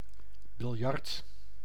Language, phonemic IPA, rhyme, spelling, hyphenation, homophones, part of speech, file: Dutch, /bɪlˈjɑrt/, -ɑrt, biljart, bil‧jart, biljard, noun, Nl-biljart.ogg
- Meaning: 1. billiards 2. billiard table